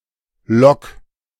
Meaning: clipping of Lokomotive: train locomotive, loco
- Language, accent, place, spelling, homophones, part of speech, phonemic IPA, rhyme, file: German, Germany, Berlin, Lok, lock / Log, noun, /lɔk/, -ɔk, De-Lok.ogg